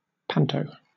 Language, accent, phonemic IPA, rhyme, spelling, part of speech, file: English, Southern England, /ˈpæn.təʊ/, -æntəʊ, panto, noun, LL-Q1860 (eng)-panto.wav
- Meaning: 1. Clipping of pantomime 2. Clipping of pantograph